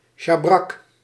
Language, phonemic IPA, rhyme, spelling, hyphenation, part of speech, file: Dutch, /ʃaːˈbrɑk/, -ɑk, sjabrak, sja‧brak, noun, Nl-sjabrak.ogg
- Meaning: saddlecloth